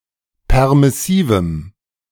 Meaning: strong dative masculine/neuter singular of permissiv
- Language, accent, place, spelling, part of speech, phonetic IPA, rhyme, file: German, Germany, Berlin, permissivem, adjective, [ˌpɛʁmɪˈsiːvm̩], -iːvm̩, De-permissivem.ogg